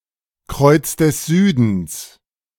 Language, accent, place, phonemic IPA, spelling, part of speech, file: German, Germany, Berlin, /ˌkʁɔɪ̯ts dəs ˈzyːdəns/, Kreuz des Südens, proper noun, De-Kreuz des Südens.ogg
- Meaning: Crux (constellation), Southern Cross